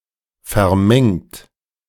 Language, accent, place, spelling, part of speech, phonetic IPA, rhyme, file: German, Germany, Berlin, vermengt, verb, [fɛɐ̯ˈmɛŋt], -ɛŋt, De-vermengt.ogg
- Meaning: 1. past participle of vermengen 2. inflection of vermengen: second-person plural present 3. inflection of vermengen: third-person singular present 4. inflection of vermengen: plural imperative